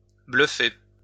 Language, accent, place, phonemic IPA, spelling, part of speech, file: French, France, Lyon, /blœ.fe/, bluffer, verb, LL-Q150 (fra)-bluffer.wav
- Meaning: 1. to bluff 2. to surprise